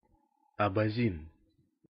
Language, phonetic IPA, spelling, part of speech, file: Russian, [ɐbɐˈzʲin], абазин, noun, Ru-абазин.ogg
- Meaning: Abaza, Abazin (member of the Abaza people living in the northwest Caucasus)